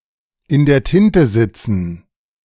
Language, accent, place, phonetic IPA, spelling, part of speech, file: German, Germany, Berlin, [ɪn deːɐ̯ ˈtɪntə ˌzɪt͡sn̩], in der Tinte sitzen, phrase, De-in der Tinte sitzen.ogg
- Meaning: to be in a fix; to be in trouble